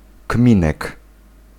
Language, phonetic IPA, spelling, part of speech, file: Polish, [ˈkmʲĩnɛk], kminek, noun, Pl-kminek.ogg